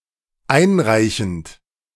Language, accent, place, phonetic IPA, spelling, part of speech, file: German, Germany, Berlin, [ˈaɪ̯nˌʁaɪ̯çn̩t], einreichend, verb, De-einreichend.ogg
- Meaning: present participle of einreichen